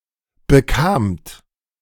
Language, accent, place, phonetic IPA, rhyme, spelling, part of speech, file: German, Germany, Berlin, [bəˈkaːmt], -aːmt, bekamt, verb, De-bekamt.ogg
- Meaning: second-person plural preterite of bekommen